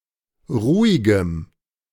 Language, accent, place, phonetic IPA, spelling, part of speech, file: German, Germany, Berlin, [ˈʁuːɪɡəm], ruhigem, adjective, De-ruhigem.ogg
- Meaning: strong dative masculine/neuter singular of ruhig